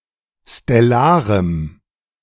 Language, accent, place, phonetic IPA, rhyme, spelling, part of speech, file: German, Germany, Berlin, [stɛˈlaːʁəm], -aːʁəm, stellarem, adjective, De-stellarem.ogg
- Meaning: strong dative masculine/neuter singular of stellar